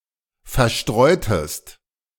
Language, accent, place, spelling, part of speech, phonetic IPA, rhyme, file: German, Germany, Berlin, verstreutest, verb, [fɛɐ̯ˈʃtʁɔɪ̯təst], -ɔɪ̯təst, De-verstreutest.ogg
- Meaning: inflection of verstreuen: 1. second-person singular preterite 2. second-person singular subjunctive II